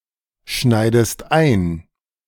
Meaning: inflection of einschneiden: 1. second-person singular present 2. second-person singular subjunctive I
- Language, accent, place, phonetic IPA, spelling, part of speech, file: German, Germany, Berlin, [ˌʃnaɪ̯dəst ˈaɪ̯n], schneidest ein, verb, De-schneidest ein.ogg